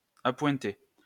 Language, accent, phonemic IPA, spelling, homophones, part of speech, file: French, France, /a.pwɛ̃.te/, apointé, apointée / apointées / apointés, adjective, LL-Q150 (fra)-apointé.wav
- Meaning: from which a particular point has been removed